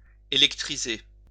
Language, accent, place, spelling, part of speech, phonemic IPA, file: French, France, Lyon, électriser, verb, /e.lɛk.tʁi.ze/, LL-Q150 (fra)-électriser.wav
- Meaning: to electrify (charge with electricity)